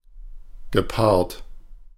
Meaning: past participle of paaren
- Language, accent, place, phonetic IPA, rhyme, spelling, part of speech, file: German, Germany, Berlin, [ɡəˈpaːɐ̯t], -aːɐ̯t, gepaart, verb, De-gepaart.ogg